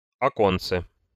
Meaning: diminutive of окно́ (oknó): (small) window
- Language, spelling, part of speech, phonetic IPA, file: Russian, оконце, noun, [ɐˈkont͡sə], Ru-оконце.ogg